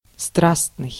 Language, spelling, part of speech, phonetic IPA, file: Russian, страстный, adjective, [ˈstrasnɨj], Ru-страстный.ogg
- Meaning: 1. passionate 2. impassioned, ardent, torrid, fervid 3. hot, sultry 4. warm 5. violent, vehement 6. tropical, tropic 7. hot-blooded